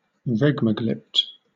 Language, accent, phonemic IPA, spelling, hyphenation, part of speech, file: English, Southern England, /ˈɹɛɡ.mə.ɡlɪpt/, regmaglypt, reg‧ma‧glypt, noun, LL-Q1860 (eng)-regmaglypt.wav
- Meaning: A small, shallow indentation or pit on the surface of a meteorite, resembling a thumbprint impression in clay, created by ablation while falling in an atmosphere